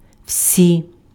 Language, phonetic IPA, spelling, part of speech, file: Ukrainian, [ʍsʲi], всі, determiner, Uk-всі.ogg
- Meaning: 1. inflection of весь (vesʹ): nominative/vocative plural 2. inflection of весь (vesʹ): inanimate accusative plural 3. all, every